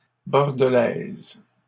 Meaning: feminine singular of bordelais
- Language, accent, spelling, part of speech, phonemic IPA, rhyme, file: French, Canada, bordelaise, adjective, /bɔʁ.də.lɛz/, -ɛz, LL-Q150 (fra)-bordelaise.wav